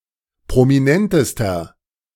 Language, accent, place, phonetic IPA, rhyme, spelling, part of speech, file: German, Germany, Berlin, [pʁomiˈnɛntəstɐ], -ɛntəstɐ, prominentester, adjective, De-prominentester.ogg
- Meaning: inflection of prominent: 1. strong/mixed nominative masculine singular superlative degree 2. strong genitive/dative feminine singular superlative degree 3. strong genitive plural superlative degree